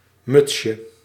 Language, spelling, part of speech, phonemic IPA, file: Dutch, mutsje, noun, /ˈmʏtʃə/, Nl-mutsje.ogg
- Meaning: 1. diminutive of muts 2. an archaic liquid measure